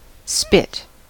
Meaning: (noun) 1. A thin metal or wooden rod on which meat is skewered for cooking, often over a fire 2. A generally low, narrow, pointed, usually sandy peninsula or bar
- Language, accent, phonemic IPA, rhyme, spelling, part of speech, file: English, General American, /spɪt/, -ɪt, spit, noun / verb, En-us-spit.ogg